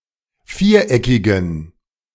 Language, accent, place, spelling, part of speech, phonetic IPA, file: German, Germany, Berlin, viereckigem, adjective, [ˈfiːɐ̯ˌʔɛkɪɡəm], De-viereckigem.ogg
- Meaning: strong dative masculine/neuter singular of viereckig